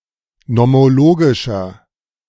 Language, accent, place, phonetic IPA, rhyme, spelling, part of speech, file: German, Germany, Berlin, [nɔmoˈloːɡɪʃɐ], -oːɡɪʃɐ, nomologischer, adjective, De-nomologischer.ogg
- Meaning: inflection of nomologisch: 1. strong/mixed nominative masculine singular 2. strong genitive/dative feminine singular 3. strong genitive plural